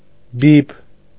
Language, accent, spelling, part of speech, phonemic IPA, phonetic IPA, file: Armenian, Eastern Armenian, բիբ, noun, /bib/, [bib], Hy-բիբ.ogg
- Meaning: pupil (of the eye)